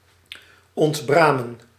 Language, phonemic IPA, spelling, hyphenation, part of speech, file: Dutch, /ˌɔntˈbraː.mə(n)/, ontbramen, ont‧bra‧men, verb, Nl-ontbramen.ogg
- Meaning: to deburr